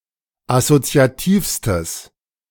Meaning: strong/mixed nominative/accusative neuter singular superlative degree of assoziativ
- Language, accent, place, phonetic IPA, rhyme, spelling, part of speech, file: German, Germany, Berlin, [asot͡si̯aˈtiːfstəs], -iːfstəs, assoziativstes, adjective, De-assoziativstes.ogg